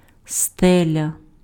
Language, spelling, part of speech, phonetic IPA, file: Ukrainian, стеля, noun, [ˈstɛlʲɐ], Uk-стеля.ogg
- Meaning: 1. ceiling (of a room) 2. ceiling (highest altitude at which an aircraft may fly)